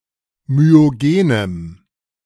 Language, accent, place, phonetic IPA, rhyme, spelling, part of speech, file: German, Germany, Berlin, [myoˈɡeːnəm], -eːnəm, myogenem, adjective, De-myogenem.ogg
- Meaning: strong dative masculine/neuter singular of myogen